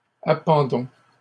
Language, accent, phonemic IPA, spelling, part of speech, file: French, Canada, /a.pɑ̃.dɔ̃/, appendons, verb, LL-Q150 (fra)-appendons.wav
- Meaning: inflection of appendre: 1. first-person plural present indicative 2. first-person plural imperative